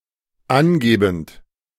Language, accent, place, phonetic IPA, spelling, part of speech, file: German, Germany, Berlin, [ˈanˌɡeːbn̩t], angebend, verb, De-angebend.ogg
- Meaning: present participle of angeben